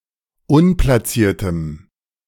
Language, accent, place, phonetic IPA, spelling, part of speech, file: German, Germany, Berlin, [ˈʊnplasiːɐ̯təm], unplaciertem, adjective, De-unplaciertem.ogg
- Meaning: strong dative masculine/neuter singular of unplaciert